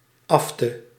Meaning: alternative form of aft
- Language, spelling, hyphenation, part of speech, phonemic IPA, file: Dutch, afte, af‧te, noun, /ˈɑf.tə/, Nl-afte.ogg